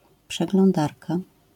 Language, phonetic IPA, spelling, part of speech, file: Polish, [ˌpʃɛɡlɔ̃nˈdarka], przeglądarka, noun, LL-Q809 (pol)-przeglądarka.wav